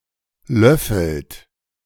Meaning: inflection of löffeln: 1. third-person singular present 2. second-person plural present 3. plural imperative
- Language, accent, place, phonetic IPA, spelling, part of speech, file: German, Germany, Berlin, [ˈlœfl̩t], löffelt, verb, De-löffelt.ogg